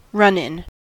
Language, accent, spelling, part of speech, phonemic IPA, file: English, US, run-in, noun / adjective, /ˈɹʌnˌɪn/, En-us-run-in.ogg
- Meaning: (noun) 1. An encounter; a scrape or brush, especially one involving trouble or difficulty 2. The end-phase of a competition etc